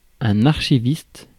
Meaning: archivist
- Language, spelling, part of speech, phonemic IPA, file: French, archiviste, noun, /aʁ.ʃi.vist/, Fr-archiviste.ogg